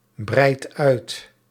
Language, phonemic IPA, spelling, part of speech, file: Dutch, /ˈbrɛit ˈœyt/, breidt uit, verb, Nl-breidt uit.ogg
- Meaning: inflection of uitbreiden: 1. second/third-person singular present indicative 2. plural imperative